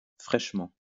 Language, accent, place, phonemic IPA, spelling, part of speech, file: French, France, Lyon, /fʁɛʃ.mɑ̃/, fraichement, adverb, LL-Q150 (fra)-fraichement.wav
- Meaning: post-1990 spelling of fraîchement